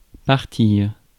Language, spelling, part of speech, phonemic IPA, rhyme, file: French, partir, verb, /paʁ.tiʁ/, -iʁ, Fr-partir.ogg
- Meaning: 1. to share, to share out, to divide 2. to go away, leave, depart 3. to originate 4. to die 5. to emanate 6. to start 7. to go